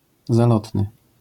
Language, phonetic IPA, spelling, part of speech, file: Polish, [zaˈlɔtnɨ], zalotny, adjective, LL-Q809 (pol)-zalotny.wav